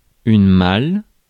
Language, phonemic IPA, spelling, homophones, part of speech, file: French, /mal/, malle, mal / mâle, noun, Fr-malle.ogg
- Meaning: large suitcase; trunk